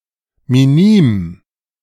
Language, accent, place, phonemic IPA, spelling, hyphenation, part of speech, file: German, Germany, Berlin, /miˈniːm/, minim, mi‧nim, adjective, De-minim.ogg
- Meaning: minimal